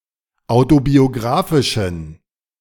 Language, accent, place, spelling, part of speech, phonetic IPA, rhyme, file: German, Germany, Berlin, autobiografischen, adjective, [ˌaʊ̯tobioˈɡʁaːfɪʃn̩], -aːfɪʃn̩, De-autobiografischen.ogg
- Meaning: inflection of autobiografisch: 1. strong genitive masculine/neuter singular 2. weak/mixed genitive/dative all-gender singular 3. strong/weak/mixed accusative masculine singular 4. strong dative plural